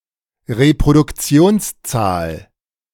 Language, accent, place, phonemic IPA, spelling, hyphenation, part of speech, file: German, Germany, Berlin, /ʁepʁodʊkˈt͡si̯oːnsˌt͡saːl/, Reproduktionszahl, Re‧pro‧duk‧ti‧ons‧zahl, noun, De-Reproduktionszahl.ogg
- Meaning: reproduction number